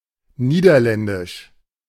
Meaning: Dutch (of the Netherlands, people, or language)
- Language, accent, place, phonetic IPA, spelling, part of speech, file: German, Germany, Berlin, [ˈniːdɐˌlɛndɪʃ], niederländisch, adjective, De-niederländisch.ogg